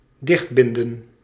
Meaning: to tie up, to close by tying shut
- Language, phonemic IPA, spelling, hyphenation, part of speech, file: Dutch, /ˈdɪx(t)ˌbɪndə(n)/, dichtbinden, dicht‧bin‧den, verb, Nl-dichtbinden.ogg